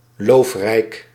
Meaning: leafy, having leaves in abundance
- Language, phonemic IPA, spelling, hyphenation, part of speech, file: Dutch, /ˈloːf.rɛi̯k/, loofrijk, loof‧rijk, adjective, Nl-loofrijk.ogg